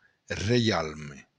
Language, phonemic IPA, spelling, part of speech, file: Occitan, /reˈjalme/, reialme, noun, LL-Q942602-reialme.wav
- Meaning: kingdom